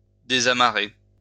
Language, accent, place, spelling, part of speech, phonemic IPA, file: French, France, Lyon, désamarrer, verb, /de.za.ma.ʁe/, LL-Q150 (fra)-désamarrer.wav
- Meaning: to unmoor